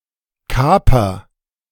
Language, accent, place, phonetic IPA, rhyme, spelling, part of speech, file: German, Germany, Berlin, [ˈkaːpɐ], -aːpɐ, kaper, verb, De-kaper.ogg
- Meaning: inflection of kapern: 1. first-person singular present 2. singular imperative